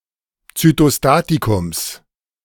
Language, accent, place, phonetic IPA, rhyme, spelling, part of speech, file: German, Germany, Berlin, [t͡sytoˈstaːtikʊms], -aːtikʊms, Zytostatikums, noun, De-Zytostatikums.ogg
- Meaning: genitive singular of Zytostatikum